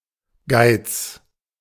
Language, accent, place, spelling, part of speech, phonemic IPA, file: German, Germany, Berlin, Geiz, noun, /ɡaɪ̯t͡s/, De-Geiz.ogg
- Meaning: 1. stinginess, miserliness, closefistedness 2. greed, avarice 3. sideshoot